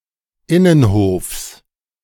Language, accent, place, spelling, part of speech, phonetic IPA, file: German, Germany, Berlin, Innenhofs, noun, [ˈɪnənˌhoːfs], De-Innenhofs.ogg
- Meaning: genitive of Innenhof